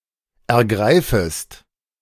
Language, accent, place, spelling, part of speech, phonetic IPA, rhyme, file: German, Germany, Berlin, ergreifest, verb, [ɛɐ̯ˈɡʁaɪ̯fəst], -aɪ̯fəst, De-ergreifest.ogg
- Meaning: second-person singular subjunctive I of ergreifen